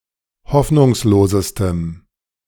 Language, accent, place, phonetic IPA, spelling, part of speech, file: German, Germany, Berlin, [ˈhɔfnʊŋsloːzəstəm], hoffnungslosestem, adjective, De-hoffnungslosestem.ogg
- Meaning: strong dative masculine/neuter singular superlative degree of hoffnungslos